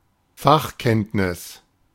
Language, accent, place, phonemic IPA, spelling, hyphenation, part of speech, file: German, Germany, Berlin, /ˈfaxˌkɛntnɪs/, Fachkenntnis, Fach‧kennt‧nis, noun, De-Fachkenntnis.ogg
- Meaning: expertise